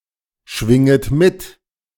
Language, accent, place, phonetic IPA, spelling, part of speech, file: German, Germany, Berlin, [ˌʃvɪŋət ˈmɪt], schwinget mit, verb, De-schwinget mit.ogg
- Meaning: second-person plural subjunctive I of mitschwingen